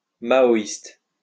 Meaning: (adjective) Maoist
- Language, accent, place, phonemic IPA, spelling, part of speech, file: French, France, Lyon, /ma.ɔ.ist/, maoïste, adjective / noun, LL-Q150 (fra)-maoïste.wav